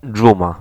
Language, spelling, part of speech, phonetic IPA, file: Polish, dżuma, noun, [ˈd͡ʒũma], Pl-dżuma.ogg